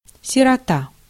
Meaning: orphan
- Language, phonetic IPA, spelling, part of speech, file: Russian, [sʲɪrɐˈta], сирота, noun, Ru-сирота.ogg